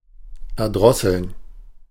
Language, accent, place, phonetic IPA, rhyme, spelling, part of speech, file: German, Germany, Berlin, [ɛɐ̯ˈdʁɔsl̩n], -ɔsl̩n, erdrosseln, verb, De-erdrosseln.ogg
- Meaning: to strangle, throttle